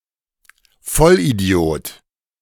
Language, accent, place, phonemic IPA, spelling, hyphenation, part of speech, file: German, Germany, Berlin, /ˈfɔl.iˌdi̯oːt/, Vollidiot, Voll‧idi‧ot, noun, De-Vollidiot.ogg
- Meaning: moron, complete idiot (male or of unspecified gender)